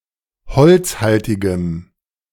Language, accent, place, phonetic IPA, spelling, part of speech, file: German, Germany, Berlin, [ˈhɔlt͡sˌhaltɪɡəm], holzhaltigem, adjective, De-holzhaltigem.ogg
- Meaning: strong dative masculine/neuter singular of holzhaltig